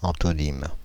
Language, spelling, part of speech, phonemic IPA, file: French, antonyme, noun, /ɑ̃.tɔ.nim/, Fr-antonyme.ogg
- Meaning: antonym (word which has the opposite meaning)